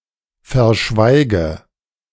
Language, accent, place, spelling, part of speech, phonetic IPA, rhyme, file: German, Germany, Berlin, verschweige, verb, [fɛɐ̯ˈʃvaɪ̯ɡə], -aɪ̯ɡə, De-verschweige.ogg
- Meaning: inflection of verschweigen: 1. first-person singular present 2. first/third-person singular subjunctive I 3. singular imperative